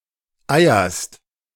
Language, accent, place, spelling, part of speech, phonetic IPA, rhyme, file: German, Germany, Berlin, eierst, verb, [ˈaɪ̯ɐst], -aɪ̯ɐst, De-eierst.ogg
- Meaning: second-person singular present of eiern